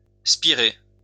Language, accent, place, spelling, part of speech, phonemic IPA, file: French, France, Lyon, spirée, noun, /spi.ʁe/, LL-Q150 (fra)-spirée.wav
- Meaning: meadowsweet; spiraea (any of the plants in the Spiraea genus)